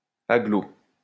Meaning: conglomerate (in building trade)
- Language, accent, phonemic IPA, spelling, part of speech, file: French, France, /a.ɡlo/, agglo, noun, LL-Q150 (fra)-agglo.wav